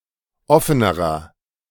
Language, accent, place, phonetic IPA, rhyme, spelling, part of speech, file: German, Germany, Berlin, [ˈɔfənəʁɐ], -ɔfənəʁɐ, offenerer, adjective, De-offenerer.ogg
- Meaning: inflection of offen: 1. strong/mixed nominative masculine singular comparative degree 2. strong genitive/dative feminine singular comparative degree 3. strong genitive plural comparative degree